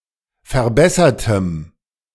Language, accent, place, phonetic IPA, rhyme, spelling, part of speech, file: German, Germany, Berlin, [fɛɐ̯ˈbɛsɐtəm], -ɛsɐtəm, verbessertem, adjective, De-verbessertem.ogg
- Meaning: strong dative masculine/neuter singular of verbessert